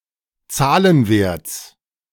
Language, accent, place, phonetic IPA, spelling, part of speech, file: German, Germany, Berlin, [ˈt͡saːlənˌveːɐ̯t͡s], Zahlenwerts, noun, De-Zahlenwerts.ogg
- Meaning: genitive singular of Zahlenwert